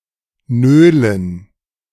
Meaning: 1. to gripe, whinge (complain in a whining tone) 2. to dawdle (be slow, waste time)
- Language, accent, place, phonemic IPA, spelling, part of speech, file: German, Germany, Berlin, /ˈnøːlən/, nölen, verb, De-nölen.ogg